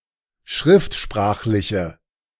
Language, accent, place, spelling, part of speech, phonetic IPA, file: German, Germany, Berlin, schriftsprachliche, adjective, [ˈʃʁɪftˌʃpʁaːxlɪçə], De-schriftsprachliche.ogg
- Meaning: inflection of schriftsprachlich: 1. strong/mixed nominative/accusative feminine singular 2. strong nominative/accusative plural 3. weak nominative all-gender singular